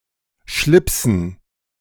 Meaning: dative plural of Schlips
- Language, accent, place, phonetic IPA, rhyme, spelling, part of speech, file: German, Germany, Berlin, [ˈʃlɪpsn̩], -ɪpsn̩, Schlipsen, noun, De-Schlipsen.ogg